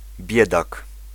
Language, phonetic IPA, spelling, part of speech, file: Polish, [ˈbʲjɛdak], biedak, noun, Pl-biedak.ogg